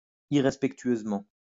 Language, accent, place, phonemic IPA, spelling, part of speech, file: French, France, Lyon, /i.ʁɛs.pɛk.tɥøz.mɑ̃/, irrespectueusement, adverb, LL-Q150 (fra)-irrespectueusement.wav
- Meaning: disrespectfully